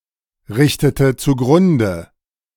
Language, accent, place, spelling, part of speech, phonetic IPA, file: German, Germany, Berlin, richtete zugrunde, verb, [ˌʁɪçtətə t͡suˈɡʁʊndə], De-richtete zugrunde.ogg
- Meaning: inflection of zugrunderichten: 1. first/third-person singular preterite 2. first/third-person singular subjunctive II